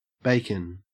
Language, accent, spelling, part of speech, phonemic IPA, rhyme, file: English, Australia, bacon, noun, /ˈbeɪ.kən/, -eɪkən, En-au-bacon.ogg
- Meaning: 1. Cured meat from the sides, belly, or back of a pig 2. Cured meat from the sides, belly, or back of a pig.: Such meat from the belly specifically 3. Thin slices of the above in long strips